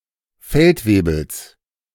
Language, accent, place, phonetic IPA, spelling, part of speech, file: German, Germany, Berlin, [ˈfɛltˌveːbl̩s], Feldwebels, noun, De-Feldwebels.ogg
- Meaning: genitive singular of Feldwebel